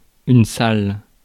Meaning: 1. hall 2. room (in a house) 3. front of house (public area of a restaurant, theatre, etc.) 4. sports hall 5. gym
- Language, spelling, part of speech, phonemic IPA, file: French, salle, noun, /sal/, Fr-salle.ogg